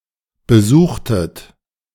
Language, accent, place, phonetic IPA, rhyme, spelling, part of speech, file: German, Germany, Berlin, [bəˈzuːxtət], -uːxtət, besuchtet, verb, De-besuchtet.ogg
- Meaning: inflection of besuchen: 1. second-person plural preterite 2. second-person plural subjunctive II